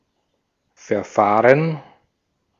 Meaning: 1. procedure, process 2. proceedings
- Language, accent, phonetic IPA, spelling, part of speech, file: German, Austria, [fɛɐ̯ˈfaːʁən], Verfahren, noun, De-at-Verfahren.ogg